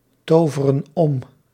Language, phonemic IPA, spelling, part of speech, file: Dutch, /ˈtovərə(n) ˈɔm/, toveren om, verb, Nl-toveren om.ogg
- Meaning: inflection of omtoveren: 1. plural present indicative 2. plural present subjunctive